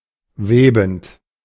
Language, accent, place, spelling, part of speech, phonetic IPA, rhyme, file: German, Germany, Berlin, webend, verb, [ˈveːbn̩t], -eːbn̩t, De-webend.ogg
- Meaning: present participle of weben